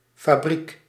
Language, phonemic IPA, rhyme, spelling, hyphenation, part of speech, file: Dutch, /faːˈbrik/, -ik, fabriek, fa‧briek, noun, Nl-fabriek.ogg
- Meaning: factory